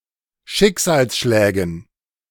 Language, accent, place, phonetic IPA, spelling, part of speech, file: German, Germany, Berlin, [ˈʃɪkzaːlsˌʃlɛːɡn̩], Schicksalsschlägen, noun, De-Schicksalsschlägen.ogg
- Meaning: dative plural of Schicksalsschlag